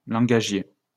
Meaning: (adjective) lingual, linguistic (relative to language); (noun) language expert
- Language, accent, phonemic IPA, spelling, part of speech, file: French, France, /lɑ̃.ɡa.ʒje/, langagier, adjective / noun, LL-Q150 (fra)-langagier.wav